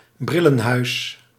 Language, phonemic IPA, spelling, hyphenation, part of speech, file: Dutch, /ˈbri.lə(n)ˌɦœy̯s/, brillenhuis, bril‧len‧huis, noun, Nl-brillenhuis.ogg
- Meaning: 1. shop where spectacles are sold 2. spectacle case